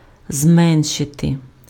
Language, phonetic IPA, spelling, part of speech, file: Ukrainian, [ˈzmɛnʃete], зменшити, verb, Uk-зменшити.ogg
- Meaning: to reduce, to lessen, to decrease, to diminish